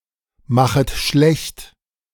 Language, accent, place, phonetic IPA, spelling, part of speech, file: German, Germany, Berlin, [ˌmaxət ˈʃlɛçt], machet schlecht, verb, De-machet schlecht.ogg
- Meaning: second-person plural subjunctive I of schlechtmachen